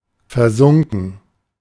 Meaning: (verb) past participle of versinken; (adjective) 1. sunken 2. engrossed, immersed, rapt (in sense of rapt in thought); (adverb) in an engrossed manner, raptly (in sense of listened raptly)
- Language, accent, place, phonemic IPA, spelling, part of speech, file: German, Germany, Berlin, /fɛɐ̯ˈzʊŋkn̩/, versunken, verb / adjective / adverb, De-versunken.ogg